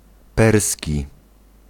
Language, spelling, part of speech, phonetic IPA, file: Polish, perski, adjective / noun, [ˈpɛrsʲci], Pl-perski.ogg